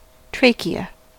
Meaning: 1. A thin-walled, cartilaginous tube connecting the larynx to the bronchi 2. The xylem vessel
- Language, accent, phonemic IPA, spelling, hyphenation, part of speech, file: English, US, /ˈtɹeɪ.ki.ə/, trachea, tra‧che‧a, noun, En-us-trachea.ogg